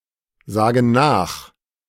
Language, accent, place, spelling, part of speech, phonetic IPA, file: German, Germany, Berlin, sagen nach, verb, [ˌzaːɡn̩ ˈnaːx], De-sagen nach.ogg
- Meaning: inflection of nachsagen: 1. first/third-person plural present 2. first/third-person plural subjunctive I